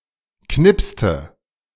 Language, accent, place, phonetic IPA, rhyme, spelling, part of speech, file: German, Germany, Berlin, [ˈknɪpstə], -ɪpstə, knipste, verb, De-knipste.ogg
- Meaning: inflection of knipsen: 1. first/third-person singular preterite 2. first/third-person singular subjunctive II